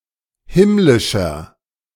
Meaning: inflection of himmlisch: 1. strong/mixed nominative masculine singular 2. strong genitive/dative feminine singular 3. strong genitive plural
- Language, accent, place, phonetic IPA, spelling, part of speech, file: German, Germany, Berlin, [ˈhɪmlɪʃɐ], himmlischer, adjective, De-himmlischer.ogg